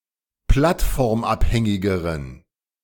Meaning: inflection of plattformabhängig: 1. strong genitive masculine/neuter singular comparative degree 2. weak/mixed genitive/dative all-gender singular comparative degree
- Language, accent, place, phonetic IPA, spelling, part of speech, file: German, Germany, Berlin, [ˈplatfɔʁmˌʔaphɛŋɪɡəʁən], plattformabhängigeren, adjective, De-plattformabhängigeren.ogg